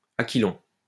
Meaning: 1. north wind 2. strong wind, gale
- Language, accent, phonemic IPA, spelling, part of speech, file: French, France, /a.ki.lɔ̃/, aquilon, noun, LL-Q150 (fra)-aquilon.wav